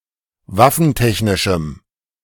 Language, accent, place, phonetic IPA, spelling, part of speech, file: German, Germany, Berlin, [ˈvafn̩ˌtɛçnɪʃm̩], waffentechnischem, adjective, De-waffentechnischem.ogg
- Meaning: strong dative masculine/neuter singular of waffentechnisch